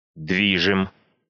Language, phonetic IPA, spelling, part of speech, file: Russian, [ˈdvʲiʐɨm], движим, adjective, Ru-дви́жим.ogg
- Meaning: short masculine singular of дви́жимый (dvížimyj)